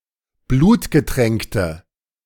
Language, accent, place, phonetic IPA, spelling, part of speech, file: German, Germany, Berlin, [ˈbluːtɡəˌtʁɛŋktə], blutgetränkte, adjective, De-blutgetränkte.ogg
- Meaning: inflection of blutgetränkt: 1. strong/mixed nominative/accusative feminine singular 2. strong nominative/accusative plural 3. weak nominative all-gender singular